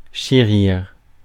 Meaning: to cherish
- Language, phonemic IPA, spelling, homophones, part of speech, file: French, /ʃe.ʁiʁ/, chérir, chérirent, verb, Fr-chérir.ogg